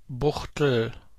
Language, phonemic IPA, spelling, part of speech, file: German, /ˈbʊxtl̩/, Buchtel, noun, De-Buchtel.ogg
- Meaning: Buchtel, a type of pastries